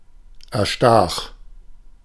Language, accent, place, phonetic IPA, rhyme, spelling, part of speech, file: German, Germany, Berlin, [ɛɐ̯ˈʃtaːx], -aːx, erstach, verb, De-erstach.ogg
- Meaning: first/third-person singular preterite of erstechen